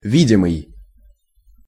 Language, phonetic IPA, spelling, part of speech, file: Russian, [ˈvʲidʲɪmɨj], видимый, verb / adjective, Ru-видимый.ogg
- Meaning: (verb) present passive imperfective participle of ви́деть (vídetʹ); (adjective) visible